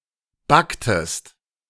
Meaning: inflection of backen: 1. second-person singular preterite 2. second-person singular subjunctive II
- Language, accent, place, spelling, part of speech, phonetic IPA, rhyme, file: German, Germany, Berlin, backtest, verb, [ˈbaktəst], -aktəst, De-backtest.ogg